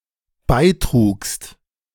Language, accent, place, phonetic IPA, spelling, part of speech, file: German, Germany, Berlin, [ˈbaɪ̯ˌtʁuːkst], beitrugst, verb, De-beitrugst.ogg
- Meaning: second-person singular dependent preterite of beitragen